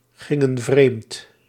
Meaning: inflection of vreemdgaan: 1. plural past indicative 2. plural past subjunctive
- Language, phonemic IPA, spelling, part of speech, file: Dutch, /ˈɣɪŋə(n) ˈvremt/, gingen vreemd, verb, Nl-gingen vreemd.ogg